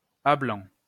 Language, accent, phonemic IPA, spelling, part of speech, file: French, France, /a blɑ̃/, à blanc, prepositional phrase, LL-Q150 (fra)-à blanc.wav
- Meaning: blank